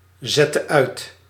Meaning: inflection of uitzetten: 1. singular past indicative 2. singular past/present subjunctive
- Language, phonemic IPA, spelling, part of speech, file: Dutch, /ˌzɛtə ˈœy̯t/, zette uit, verb, Nl-zette uit.ogg